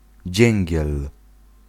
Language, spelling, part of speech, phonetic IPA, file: Polish, dzięgiel, noun, [ˈd͡ʑɛ̃ŋʲɟɛl], Pl-dzięgiel.ogg